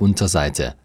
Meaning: 1. underside, underneath, bottom 2. underbelly 3. subpage
- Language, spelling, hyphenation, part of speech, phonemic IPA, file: German, Unterseite, Un‧ter‧sei‧te, noun, /ˈʊntɐˌzaɪ̯tə/, De-Unterseite.ogg